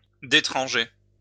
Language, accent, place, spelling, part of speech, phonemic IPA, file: French, France, Lyon, détranger, verb, /de.tʁɑ̃.ʒe/, LL-Q150 (fra)-détranger.wav
- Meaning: to drive away (insects that injure the plants)